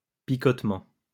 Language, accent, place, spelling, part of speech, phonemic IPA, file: French, France, Lyon, picotement, noun, /pi.kɔt.mɑ̃/, LL-Q150 (fra)-picotement.wav
- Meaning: 1. a stinging sensation, a sting 2. pins and needles